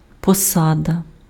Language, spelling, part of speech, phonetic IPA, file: Ukrainian, посада, noun, [pɔˈsadɐ], Uk-посада.ogg
- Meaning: 1. position 2. office, post 3. seat 4. appointment